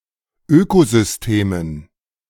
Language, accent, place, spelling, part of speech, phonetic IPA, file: German, Germany, Berlin, Ökosystemen, noun, [ˈøːkozʏsˌteːmən], De-Ökosystemen.ogg
- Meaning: dative plural of Ökosystem